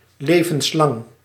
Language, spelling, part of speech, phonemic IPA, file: Dutch, levenslang, adjective, /ˌlevə(n)sˈlɑŋ/, Nl-levenslang.ogg
- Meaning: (adjective) lifelong; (noun) abbreviation of levenslange gevangenisstraf (“life imprisonment”)